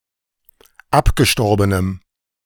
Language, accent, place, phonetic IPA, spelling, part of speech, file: German, Germany, Berlin, [ˈapɡəˌʃtɔʁbənəm], abgestorbenem, adjective, De-abgestorbenem.ogg
- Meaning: strong dative masculine/neuter singular of abgestorben